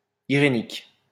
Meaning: irenic, irenical
- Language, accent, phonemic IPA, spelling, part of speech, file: French, France, /i.ʁe.nik/, irénique, adjective, LL-Q150 (fra)-irénique.wav